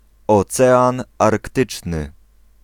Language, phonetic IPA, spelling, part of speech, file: Polish, [ɔˈt͡sɛãn arkˈtɨt͡ʃnɨ], Ocean Arktyczny, proper noun, Pl-Ocean Arktyczny.ogg